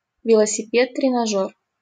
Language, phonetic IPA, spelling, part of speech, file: Russian, [trʲɪnɐˈʐor], тренажёр, noun, LL-Q7737 (rus)-тренажёр.wav
- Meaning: 1. exercise machine; trainer (fitness device) 2. simulator